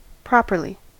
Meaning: 1. In a proper manner, appropriately, suitably; correctly, justifiably 2. individually; in one's own manner 3. Entirely; extremely; thoroughly
- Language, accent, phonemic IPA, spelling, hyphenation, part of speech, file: English, US, /ˈpɹɑpɚli/, properly, prop‧er‧ly, adverb, En-us-properly.ogg